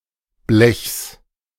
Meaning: genitive singular of Blech
- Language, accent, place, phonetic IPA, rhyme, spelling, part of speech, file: German, Germany, Berlin, [blɛçs], -ɛçs, Blechs, noun, De-Blechs.ogg